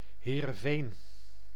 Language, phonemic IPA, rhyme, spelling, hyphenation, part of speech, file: Dutch, /ˌɦeː.rə(n)ˈveːn/, -eːn, Heerenveen, Hee‧ren‧veen, proper noun, Nl-Heerenveen.ogg
- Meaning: Heerenveen (a village and municipality of Friesland, Netherlands)